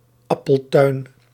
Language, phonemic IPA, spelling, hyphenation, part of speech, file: Dutch, /ˈɑ.pəlˌtœy̯n/, appeltuin, ap‧pel‧tuin, noun, Nl-appeltuin.ogg
- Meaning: apple orchard